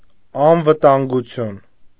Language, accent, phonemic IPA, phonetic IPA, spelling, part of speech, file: Armenian, Eastern Armenian, /ɑnvətɑnɡuˈtʰjun/, [ɑnvətɑŋɡut͡sʰjún], անվտանգություն, noun, Hy-անվտանգություն.ogg
- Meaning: safety, security